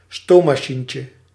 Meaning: diminutive of stoommachine
- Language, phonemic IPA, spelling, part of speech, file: Dutch, /ˈstomɑˌʃiɲcə/, stoommachientje, noun, Nl-stoommachientje.ogg